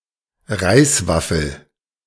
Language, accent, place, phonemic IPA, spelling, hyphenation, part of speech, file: German, Germany, Berlin, /ˈʁaɪ̯sˌvafl̩/, Reiswaffel, Reis‧waf‧fel, noun, De-Reiswaffel.ogg
- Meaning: rice cake